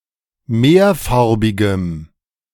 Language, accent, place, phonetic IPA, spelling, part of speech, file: German, Germany, Berlin, [ˈmeːɐ̯ˌfaʁbɪɡəm], mehrfarbigem, adjective, De-mehrfarbigem.ogg
- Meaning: strong dative masculine/neuter singular of mehrfarbig